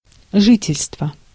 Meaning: residence
- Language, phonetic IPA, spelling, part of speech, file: Russian, [ˈʐɨtʲɪlʲstvə], жительство, noun, Ru-жительство.ogg